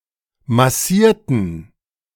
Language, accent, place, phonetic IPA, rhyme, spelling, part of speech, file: German, Germany, Berlin, [maˈsiːɐ̯tn̩], -iːɐ̯tn̩, massierten, adjective / verb, De-massierten.ogg
- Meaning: inflection of massieren: 1. first/third-person plural preterite 2. first/third-person plural subjunctive II